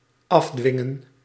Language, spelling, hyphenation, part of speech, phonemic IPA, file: Dutch, afdwingen, af‧dwin‧gen, verb, /ˈɑvˌdʋɪŋə(n)/, Nl-afdwingen.ogg
- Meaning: 1. to coerce, obtain by force 2. to enforce